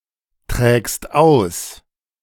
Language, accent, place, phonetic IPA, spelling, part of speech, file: German, Germany, Berlin, [ˌtʁɛːkst ˈaʊ̯s], trägst aus, verb, De-trägst aus.ogg
- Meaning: second-person singular present of austragen